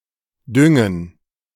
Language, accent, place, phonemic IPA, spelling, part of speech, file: German, Germany, Berlin, /ˈdʏŋən/, düngen, verb, De-düngen.ogg
- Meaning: to fertilize (a field)